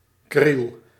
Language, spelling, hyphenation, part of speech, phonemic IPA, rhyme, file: Dutch, kriel, kriel, noun, /kril/, -il, Nl-kriel.ogg
- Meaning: 1. something or someone undersized or puny 2. a bantam 3. a small potato